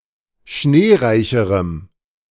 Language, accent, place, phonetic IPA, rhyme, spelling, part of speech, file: German, Germany, Berlin, [ˈʃneːˌʁaɪ̯çəʁəm], -eːʁaɪ̯çəʁəm, schneereicherem, adjective, De-schneereicherem.ogg
- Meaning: strong dative masculine/neuter singular comparative degree of schneereich